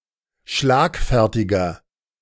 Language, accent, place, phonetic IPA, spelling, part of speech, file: German, Germany, Berlin, [ˈʃlaːkˌfɛʁtɪɡɐ], schlagfertiger, adjective, De-schlagfertiger.ogg
- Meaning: 1. comparative degree of schlagfertig 2. inflection of schlagfertig: strong/mixed nominative masculine singular 3. inflection of schlagfertig: strong genitive/dative feminine singular